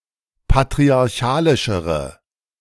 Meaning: inflection of patriarchalisch: 1. strong/mixed nominative/accusative feminine singular comparative degree 2. strong nominative/accusative plural comparative degree
- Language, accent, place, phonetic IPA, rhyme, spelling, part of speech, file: German, Germany, Berlin, [patʁiaʁˈçaːlɪʃəʁə], -aːlɪʃəʁə, patriarchalischere, adjective, De-patriarchalischere.ogg